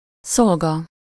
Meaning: servant, manservant, attendant
- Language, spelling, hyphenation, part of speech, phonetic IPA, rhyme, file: Hungarian, szolga, szol‧ga, noun, [ˈsolɡɒ], -ɡɒ, Hu-szolga.ogg